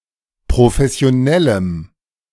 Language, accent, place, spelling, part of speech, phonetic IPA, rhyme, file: German, Germany, Berlin, professionellem, adjective, [pʁofɛsi̯oˈnɛləm], -ɛləm, De-professionellem.ogg
- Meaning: strong dative masculine/neuter singular of professionell